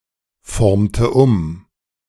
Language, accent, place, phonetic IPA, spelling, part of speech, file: German, Germany, Berlin, [ˌfɔʁmtə ˈʊm], formte um, verb, De-formte um.ogg
- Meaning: inflection of umformen: 1. first/third-person singular preterite 2. first/third-person singular subjunctive II